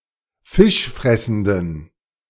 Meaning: inflection of fischfressend: 1. strong genitive masculine/neuter singular 2. weak/mixed genitive/dative all-gender singular 3. strong/weak/mixed accusative masculine singular 4. strong dative plural
- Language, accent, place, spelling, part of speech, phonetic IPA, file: German, Germany, Berlin, fischfressenden, adjective, [ˈfɪʃˌfʁɛsn̩dən], De-fischfressenden.ogg